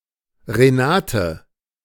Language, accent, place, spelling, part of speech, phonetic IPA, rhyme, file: German, Germany, Berlin, Renate, proper noun, [ʁeˈnaːtə], -aːtə, De-Renate.ogg
- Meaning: a female given name from Latin, popular in Germany from the 1930's to the 1950's, equivalent to English Renée